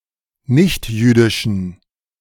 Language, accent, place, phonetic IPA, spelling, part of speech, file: German, Germany, Berlin, [ˈnɪçtˌjyːdɪʃn̩], nichtjüdischen, adjective, De-nichtjüdischen.ogg
- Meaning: inflection of nichtjüdisch: 1. strong genitive masculine/neuter singular 2. weak/mixed genitive/dative all-gender singular 3. strong/weak/mixed accusative masculine singular 4. strong dative plural